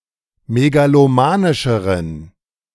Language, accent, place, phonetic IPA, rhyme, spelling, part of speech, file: German, Germany, Berlin, [meɡaloˈmaːnɪʃəʁən], -aːnɪʃəʁən, megalomanischeren, adjective, De-megalomanischeren.ogg
- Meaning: inflection of megalomanisch: 1. strong genitive masculine/neuter singular comparative degree 2. weak/mixed genitive/dative all-gender singular comparative degree